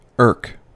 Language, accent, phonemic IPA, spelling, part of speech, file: English, US, /ɝk/, irk, verb / noun, En-us-irk.ogg
- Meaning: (verb) to irritate; annoy; bother; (noun) An annoyance